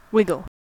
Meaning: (verb) 1. To move with irregular, back and forward or side to side motions; to shake or jiggle 2. To move with shaking or jiggling
- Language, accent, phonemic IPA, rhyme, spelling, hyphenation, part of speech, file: English, US, /ˈwɪɡəl/, -ɪɡəl, wiggle, wig‧gle, verb / noun, En-us-wiggle.ogg